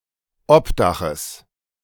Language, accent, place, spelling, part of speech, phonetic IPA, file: German, Germany, Berlin, Obdaches, noun, [ˈɔpˌdaxəs], De-Obdaches.ogg
- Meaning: genitive singular of Obdach